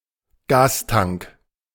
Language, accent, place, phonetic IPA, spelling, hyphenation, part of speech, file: German, Germany, Berlin, [ˈɡaːsˌtaŋk], Gastank, Gas‧tank, noun, De-Gastank.ogg
- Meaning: gas tank